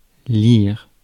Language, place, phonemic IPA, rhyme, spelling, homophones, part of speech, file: French, Paris, /liʁ/, -iʁ, lire, lires / lyre / lyrent / lyres, verb / noun, Fr-lire.ogg
- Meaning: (verb) 1. to read 2. to play 3. to be read; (noun) lira (unit of currency)